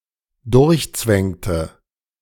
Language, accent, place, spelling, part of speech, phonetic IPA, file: German, Germany, Berlin, durchzwängte, verb, [ˈdʊʁçˌt͡svɛŋtə], De-durchzwängte.ogg
- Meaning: inflection of durchzwängen: 1. first/third-person singular dependent preterite 2. first/third-person singular dependent subjunctive II